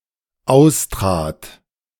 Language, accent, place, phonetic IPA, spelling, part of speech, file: German, Germany, Berlin, [ˈaʊ̯stʁaːt], austrat, verb, De-austrat.ogg
- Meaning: first/third-person singular dependent preterite of austreten